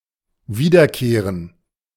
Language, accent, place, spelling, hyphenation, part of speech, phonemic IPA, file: German, Germany, Berlin, wiederkehren, wie‧der‧keh‧ren, verb, /ˈviːdɐˌkeːʁən/, De-wiederkehren.ogg
- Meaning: to go back, return